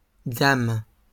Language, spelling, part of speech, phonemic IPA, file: French, dames, noun, /dam/, LL-Q150 (fra)-dames.wav
- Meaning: plural of dame